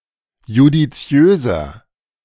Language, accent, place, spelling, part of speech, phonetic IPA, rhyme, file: German, Germany, Berlin, judiziöser, adjective, [judiˈt͡si̯øːzɐ], -øːzɐ, De-judiziöser.ogg
- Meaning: inflection of judiziös: 1. strong/mixed nominative masculine singular 2. strong genitive/dative feminine singular 3. strong genitive plural